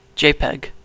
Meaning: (proper noun) 1. Acronym of Joint Photographic Experts Group 2. Image compression standard created by the Joint Photographic Experts Group
- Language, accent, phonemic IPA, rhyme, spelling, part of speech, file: English, US, /ˈd͡ʒeɪˌpɛɡ/, -eɪpɛɡ, JPEG, proper noun / noun / verb, JPEG-pronunciation-us.ogg